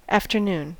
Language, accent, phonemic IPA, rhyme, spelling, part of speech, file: English, US, /ˌæf.tɚˈnun/, -uːn, afternoon, noun / adverb / interjection, En-us-afternoon.ogg
- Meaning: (noun) 1. The part of the day from noon or lunchtime until sunset, evening, or suppertime or 6pm 2. The later part of anything, often with implications of decline